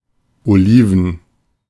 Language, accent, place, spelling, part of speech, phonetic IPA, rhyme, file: German, Germany, Berlin, Oliven, noun, [oˈliːvn̩], -iːvn̩, De-Oliven.ogg
- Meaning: plural of Olive